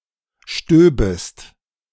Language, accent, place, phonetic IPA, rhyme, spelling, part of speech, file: German, Germany, Berlin, [ˈʃtøːbəst], -øːbəst, stöbest, verb, De-stöbest.ogg
- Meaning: second-person singular subjunctive II of stieben